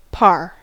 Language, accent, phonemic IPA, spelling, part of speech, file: English, US, /pɑɹ/, par, preposition, En-us-par.ogg
- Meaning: By; with